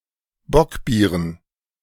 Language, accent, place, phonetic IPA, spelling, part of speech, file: German, Germany, Berlin, [ˈbɔkˌbiːʁən], Bockbieren, noun, De-Bockbieren.ogg
- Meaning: dative plural of Bockbier